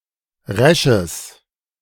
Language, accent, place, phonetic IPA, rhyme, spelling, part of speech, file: German, Germany, Berlin, [ˈʁɛʃəs], -ɛʃəs, resches, adjective, De-resches.ogg
- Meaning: strong/mixed nominative/accusative neuter singular of resch